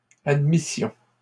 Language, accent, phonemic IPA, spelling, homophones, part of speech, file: French, Canada, /ad.mi.sjɔ̃/, admissions, admission, noun / verb, LL-Q150 (fra)-admissions.wav
- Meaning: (noun) plural of admission; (verb) first-person plural imperfect subjunctive of admettre